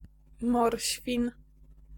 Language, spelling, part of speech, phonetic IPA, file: Polish, morświn, noun, [ˈmɔrʲɕfʲĩn], Pl-morświn.ogg